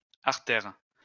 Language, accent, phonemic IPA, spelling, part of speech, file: French, France, /aʁ.tɛʁ/, artères, noun, LL-Q150 (fra)-artères.wav
- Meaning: plural of artère